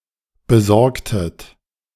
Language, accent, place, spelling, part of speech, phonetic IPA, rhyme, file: German, Germany, Berlin, besorgtet, verb, [bəˈzɔʁktət], -ɔʁktət, De-besorgtet.ogg
- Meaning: inflection of besorgen: 1. second-person plural preterite 2. second-person plural subjunctive II